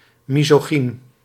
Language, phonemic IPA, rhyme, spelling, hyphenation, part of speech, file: Dutch, /ˌmi.zoːˈɣin/, -in, misogyn, mi‧so‧gyn, adjective / noun, Nl-misogyn.ogg
- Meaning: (adjective) misogynistic, misogynist, misogynic, misogynous; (noun) misogynist